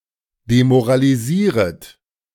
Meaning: second-person plural subjunctive I of demoralisieren
- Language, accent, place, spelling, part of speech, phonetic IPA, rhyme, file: German, Germany, Berlin, demoralisieret, verb, [demoʁaliˈziːʁət], -iːʁət, De-demoralisieret.ogg